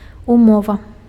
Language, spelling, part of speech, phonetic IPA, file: Belarusian, умова, noun, [uˈmova], Be-умова.ogg
- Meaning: 1. condition, stipulation 2. agreement 3. treaty